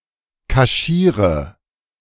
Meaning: inflection of kaschieren: 1. first-person singular present 2. singular imperative 3. first/third-person singular subjunctive I
- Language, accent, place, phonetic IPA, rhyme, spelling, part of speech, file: German, Germany, Berlin, [kaˈʃiːʁə], -iːʁə, kaschiere, verb, De-kaschiere.ogg